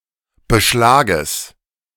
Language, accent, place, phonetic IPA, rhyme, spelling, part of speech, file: German, Germany, Berlin, [bəˈʃlaːɡəs], -aːɡəs, Beschlages, noun, De-Beschlages.ogg
- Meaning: genitive singular of Beschlag